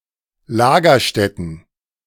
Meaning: plural of Lagerstätte
- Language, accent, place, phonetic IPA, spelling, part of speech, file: German, Germany, Berlin, [ˈlaːɡɐˌʃtɛtn̩], Lagerstätten, noun, De-Lagerstätten.ogg